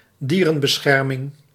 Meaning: 1. protection of animals: i.e., (defense of) animal rights 2. society for humane treatment of animals
- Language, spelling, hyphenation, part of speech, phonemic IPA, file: Dutch, dierenbescherming, die‧ren‧be‧scher‧ming, noun, /ˈdiː.rə(n).bəˌsxɛr.mɪŋ/, Nl-dierenbescherming.ogg